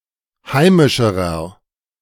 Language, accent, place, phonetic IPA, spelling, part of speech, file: German, Germany, Berlin, [ˈhaɪ̯mɪʃəʁɐ], heimischerer, adjective, De-heimischerer.ogg
- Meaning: inflection of heimisch: 1. strong/mixed nominative masculine singular comparative degree 2. strong genitive/dative feminine singular comparative degree 3. strong genitive plural comparative degree